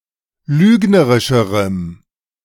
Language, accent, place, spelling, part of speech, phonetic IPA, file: German, Germany, Berlin, lügnerischerem, adjective, [ˈlyːɡnəʁɪʃəʁəm], De-lügnerischerem.ogg
- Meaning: strong dative masculine/neuter singular comparative degree of lügnerisch